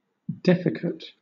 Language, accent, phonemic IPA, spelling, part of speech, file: English, Southern England, /ˈdɛfɪkət/, defecate, adjective, LL-Q1860 (eng)-defecate.wav
- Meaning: Freed from pollutants, dregs, lees, etc.; refined; purified